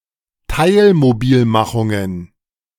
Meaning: plural of Teilmobilmachung
- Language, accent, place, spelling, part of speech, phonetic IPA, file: German, Germany, Berlin, Teilmobilmachungen, noun, [ˈtaɪ̯lmoˌbiːlmaxʊŋən], De-Teilmobilmachungen.ogg